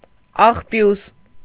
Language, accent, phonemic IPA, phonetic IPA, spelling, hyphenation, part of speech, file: Armenian, Eastern Armenian, /ɑχˈpjus/, [ɑχpjús], աղբյուս, աղ‧բյուս, noun, Hy-աղբյուս.ogg
- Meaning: 1. garbage 2. dung-heap